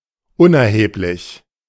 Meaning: 1. irrelevant 2. negligible, insignificant 3. futile
- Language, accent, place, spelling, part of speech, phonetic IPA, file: German, Germany, Berlin, unerheblich, adjective, [ˈʊnʔɛɐ̯heːplɪç], De-unerheblich.ogg